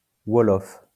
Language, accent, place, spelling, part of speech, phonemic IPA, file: French, France, Lyon, ouolof, noun, /wɔ.lɔf/, LL-Q150 (fra)-ouolof.wav
- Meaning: alternative form of wolof